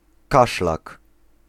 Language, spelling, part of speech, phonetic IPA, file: Polish, kaszlak, noun, [ˈkaʃlak], Pl-kaszlak.ogg